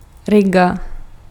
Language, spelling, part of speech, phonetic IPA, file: Czech, Riga, proper noun, [ˈrɪɡa], Cs-Riga.ogg
- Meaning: Riga (the capital city of Latvia)